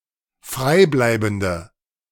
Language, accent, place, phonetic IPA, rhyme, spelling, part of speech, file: German, Germany, Berlin, [ˈfʁaɪ̯ˌblaɪ̯bn̩də], -aɪ̯blaɪ̯bn̩də, freibleibende, adjective, De-freibleibende.ogg
- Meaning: inflection of freibleibend: 1. strong/mixed nominative/accusative feminine singular 2. strong nominative/accusative plural 3. weak nominative all-gender singular